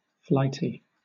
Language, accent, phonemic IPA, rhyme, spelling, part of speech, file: English, Southern England, /ˈflaɪti/, -aɪti, flighty, adjective, LL-Q1860 (eng)-flighty.wav
- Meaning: 1. Given to unplanned and silly ideas or actions 2. That flies easily or often 3. Swift